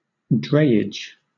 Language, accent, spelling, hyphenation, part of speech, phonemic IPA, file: English, Southern England, drayage, dray‧age, noun, /ˈdɹeɪ.ɪdʒ/, LL-Q1860 (eng)-drayage.wav
- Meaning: Transportation by dray